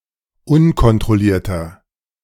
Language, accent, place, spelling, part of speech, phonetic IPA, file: German, Germany, Berlin, unkontrollierter, adjective, [ˈʊnkɔntʁɔˌliːɐ̯tɐ], De-unkontrollierter.ogg
- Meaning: inflection of unkontrolliert: 1. strong/mixed nominative masculine singular 2. strong genitive/dative feminine singular 3. strong genitive plural